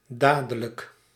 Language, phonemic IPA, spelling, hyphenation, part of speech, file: Dutch, /ˈdaː.də.lək/, dadelijk, da‧de‧lijk, adverb, Nl-dadelijk.ogg
- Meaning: presently, very soon, at once